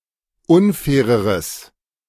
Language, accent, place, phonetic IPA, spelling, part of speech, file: German, Germany, Berlin, [ˈʊnˌfɛːʁəʁəs], unfaireres, adjective, De-unfaireres.ogg
- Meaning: strong/mixed nominative/accusative neuter singular comparative degree of unfair